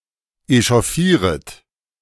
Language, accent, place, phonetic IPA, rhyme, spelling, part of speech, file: German, Germany, Berlin, [eʃɔˈfiːʁət], -iːʁət, echauffieret, verb, De-echauffieret.ogg
- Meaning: second-person plural subjunctive I of echauffieren